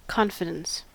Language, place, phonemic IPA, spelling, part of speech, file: English, California, /ˈkɑn.fɪ.dəns/, confidence, noun, En-us-confidence.ogg
- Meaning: 1. Self-assurance 2. A feeling of certainty; firm trust or belief; faith 3. Information held in secret; a piece of information shared but to thence be kept in secret 4. Boldness; presumption